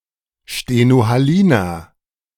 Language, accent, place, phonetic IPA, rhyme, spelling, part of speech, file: German, Germany, Berlin, [ʃtenohaˈliːnɐ], -iːnɐ, stenohaliner, adjective, De-stenohaliner.ogg
- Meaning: inflection of stenohalin: 1. strong/mixed nominative masculine singular 2. strong genitive/dative feminine singular 3. strong genitive plural